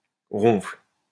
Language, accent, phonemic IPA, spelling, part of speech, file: French, France, /ʁɔ̃fl/, ronfle, verb, LL-Q150 (fra)-ronfle.wav
- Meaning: inflection of ronfler: 1. first/third-person singular present indicative/subjunctive 2. second-person singular imperative